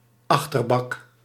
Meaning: a boot, a trunk; a luggage compartment at the back of a car
- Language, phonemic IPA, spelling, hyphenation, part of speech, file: Dutch, /ˈɑx.tərˌbɑk/, achterbak, ach‧ter‧bak, noun, Nl-achterbak.ogg